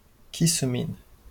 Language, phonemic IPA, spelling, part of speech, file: Esperanto, /ˈkisu min/, kisu min, phrase, LL-Q143 (epo)-kisu min.wav
- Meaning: kiss me